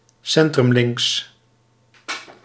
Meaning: center-left (US), centre-left (UK)
- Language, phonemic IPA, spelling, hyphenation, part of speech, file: Dutch, /ˌsɛn.trʏmˈlɪŋks/, centrumlinks, cen‧trum‧links, adjective, Nl-centrumlinks.ogg